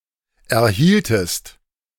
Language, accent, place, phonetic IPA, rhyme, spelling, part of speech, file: German, Germany, Berlin, [ɛɐ̯ˈhiːltəst], -iːltəst, erhieltest, verb, De-erhieltest.ogg
- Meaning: inflection of erhalten: 1. second-person singular preterite 2. second-person singular subjunctive II